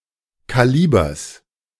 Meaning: genitive singular of Kaliber
- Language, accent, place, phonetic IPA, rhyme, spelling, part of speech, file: German, Germany, Berlin, [ˌkaˈliːbɐs], -iːbɐs, Kalibers, noun, De-Kalibers.ogg